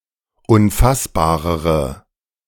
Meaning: inflection of unfassbar: 1. strong/mixed nominative/accusative feminine singular comparative degree 2. strong nominative/accusative plural comparative degree
- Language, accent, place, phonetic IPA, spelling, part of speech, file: German, Germany, Berlin, [ʊnˈfasbaːʁəʁə], unfassbarere, adjective, De-unfassbarere.ogg